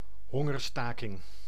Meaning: hunger strike
- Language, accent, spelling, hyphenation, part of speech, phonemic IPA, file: Dutch, Netherlands, hongerstaking, hon‧ger‧sta‧king, noun, /ˈɦɔ.ŋərˌstaː.kɪŋ/, Nl-hongerstaking.ogg